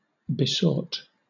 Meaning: 1. simple past and past participle of beseech 2. simple past and past participle of beseek
- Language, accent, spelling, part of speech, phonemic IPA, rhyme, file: English, Southern England, besought, verb, /bɪˈsɔːt/, -ɔːt, LL-Q1860 (eng)-besought.wav